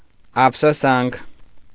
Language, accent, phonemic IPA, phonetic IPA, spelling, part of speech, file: Armenian, Eastern Armenian, /ɑpʰsoˈsɑnkʰ/, [ɑpʰsosɑ́ŋkʰ], ափսոսանք, noun, Hy-ափսոսանք.ogg
- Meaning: regret